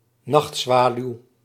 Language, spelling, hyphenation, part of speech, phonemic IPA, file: Dutch, nachtzwaluw, nacht‧zwa‧luw, noun, /ˈnɑxtˌsʋaː.lyu̯/, Nl-nachtzwaluw.ogg
- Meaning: 1. Eurasian nightjar (Caprimulgus europaeus) 2. nightjar (any bird of the family Caprimulgidae)